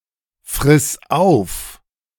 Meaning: singular imperative of auffressen
- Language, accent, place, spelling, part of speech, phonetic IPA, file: German, Germany, Berlin, friss auf, verb, [fʁɪs ˈaʊ̯f], De-friss auf.ogg